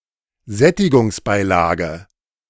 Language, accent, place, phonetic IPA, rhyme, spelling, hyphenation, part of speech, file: German, Germany, Berlin, [ˈzɛtɪɡʊnɡsˌbaɪlaːɡə], -aːɡə, Sättigungsbeilage, Sät‧ti‧gungs‧bei‧la‧ge, noun, De-Sättigungsbeilage.ogg
- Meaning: a starchy side dish, such as potatoes, noodles, or rice